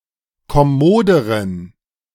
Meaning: inflection of kommod: 1. strong genitive masculine/neuter singular comparative degree 2. weak/mixed genitive/dative all-gender singular comparative degree
- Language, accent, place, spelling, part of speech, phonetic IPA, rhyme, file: German, Germany, Berlin, kommoderen, adjective, [kɔˈmoːdəʁən], -oːdəʁən, De-kommoderen.ogg